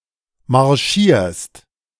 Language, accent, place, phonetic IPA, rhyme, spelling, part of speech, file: German, Germany, Berlin, [maʁˈʃiːɐ̯st], -iːɐ̯st, marschierst, verb, De-marschierst.ogg
- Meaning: second-person singular present of marschieren